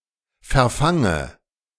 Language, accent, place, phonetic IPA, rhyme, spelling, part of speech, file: German, Germany, Berlin, [fɛɐ̯ˈfaŋə], -aŋə, verfange, verb, De-verfange.ogg
- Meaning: inflection of verfangen: 1. first-person singular present 2. first/third-person singular subjunctive I 3. singular imperative